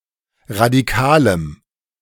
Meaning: strong dative masculine/neuter singular of radikal
- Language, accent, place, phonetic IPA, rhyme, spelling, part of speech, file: German, Germany, Berlin, [ʁadiˈkaːləm], -aːləm, radikalem, adjective, De-radikalem.ogg